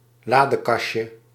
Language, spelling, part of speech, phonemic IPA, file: Dutch, ladekastje, noun, /ˈladəˌkɑʃə/, Nl-ladekastje.ogg
- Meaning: diminutive of ladekast